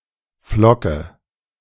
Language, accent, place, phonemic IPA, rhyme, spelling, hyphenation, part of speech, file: German, Germany, Berlin, /ˈflɔkə/, -ɔkə, Flocke, Flo‧cke, noun, De-Flocke2.ogg
- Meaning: 1. flake 2. money